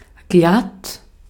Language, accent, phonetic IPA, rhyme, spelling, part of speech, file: German, Austria, [ɡlat], -at, glatt, adjective, De-at-glatt.ogg
- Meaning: 1. without roughness or unevenness: smooth; sleek, slick; even; clean (of a shave or cut); straight (of hair) 2. slippery (from e.g. ice, but not from grease)